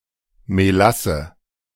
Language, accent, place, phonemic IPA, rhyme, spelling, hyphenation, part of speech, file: German, Germany, Berlin, /meˈlasə/, -asə, Melasse, Me‧las‧se, noun, De-Melasse.ogg
- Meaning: molasses, treacle